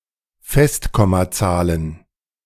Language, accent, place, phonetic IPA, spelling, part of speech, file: German, Germany, Berlin, [ˈfɛstkɔmaˌt͡saːlən], Festkommazahlen, noun, De-Festkommazahlen.ogg
- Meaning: plural of Festkommazahl